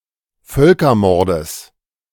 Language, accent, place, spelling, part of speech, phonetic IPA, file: German, Germany, Berlin, Völkermordes, noun, [ˈfœlkɐˌmɔʁdəs], De-Völkermordes.ogg
- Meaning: genitive singular of Völkermord